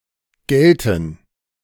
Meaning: first/third-person plural subjunctive II of gelten
- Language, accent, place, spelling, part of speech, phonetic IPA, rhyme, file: German, Germany, Berlin, gälten, verb, [ˈɡɛltn̩], -ɛltn̩, De-gälten.ogg